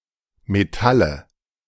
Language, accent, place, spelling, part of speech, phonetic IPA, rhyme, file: German, Germany, Berlin, Metalle, noun, [meˈtalə], -alə, De-Metalle.ogg
- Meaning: nominative/accusative/genitive plural of Metall